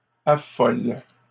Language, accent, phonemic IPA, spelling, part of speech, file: French, Canada, /a.fɔl/, affolent, verb, LL-Q150 (fra)-affolent.wav
- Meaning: third-person plural present indicative/subjunctive of affoler